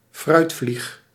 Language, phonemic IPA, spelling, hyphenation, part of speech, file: Dutch, /ˈfrœy̯t.flix/, fruitvlieg, fruit‧vlieg, noun, Nl-fruitvlieg.ogg
- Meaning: fruitfly, fly of the genus Drosophila